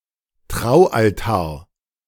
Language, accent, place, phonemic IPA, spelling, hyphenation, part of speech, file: German, Germany, Berlin, /ˈtʁaʊ̯ʔalˌtaːɐ̯/, Traualtar, Trau‧al‧tar, noun, De-Traualtar.ogg
- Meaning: marriage altar